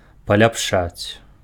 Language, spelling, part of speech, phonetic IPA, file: Belarusian, паляпшаць, verb, [palʲapˈʂat͡sʲ], Be-паляпшаць.ogg
- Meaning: to improve, to make something better